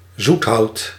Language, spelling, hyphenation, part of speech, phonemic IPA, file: Dutch, zoethout, zoet‧hout, noun, /ˈzut.ɦɑu̯t/, Nl-zoethout.ogg
- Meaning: liquorice: the plant (root) liquorice is made of